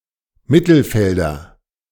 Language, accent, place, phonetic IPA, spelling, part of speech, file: German, Germany, Berlin, [ˈmɪtl̩ˌfɛldɐ], Mittelfelder, noun, De-Mittelfelder.ogg
- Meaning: nominative/accusative/genitive plural of Mittelfeld